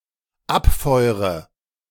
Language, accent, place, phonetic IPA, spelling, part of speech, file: German, Germany, Berlin, [ˈapˌfɔɪ̯ʁə], abfeure, verb, De-abfeure.ogg
- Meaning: inflection of abfeuern: 1. first-person singular dependent present 2. first/third-person singular dependent subjunctive I